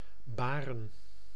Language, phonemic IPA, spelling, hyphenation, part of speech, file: Dutch, /ˈbaːrə(n)/, baren, ba‧ren, verb / noun, Nl-baren.ogg
- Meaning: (verb) 1. to bear, to give birth to 2. to cause, to bring about; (noun) plural of baar